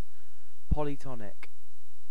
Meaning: Having several tones
- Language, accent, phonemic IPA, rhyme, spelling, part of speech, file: English, UK, /ˌpɒliˈtɒnɪk/, -ɒnɪk, polytonic, adjective, En-uk-polytonic.ogg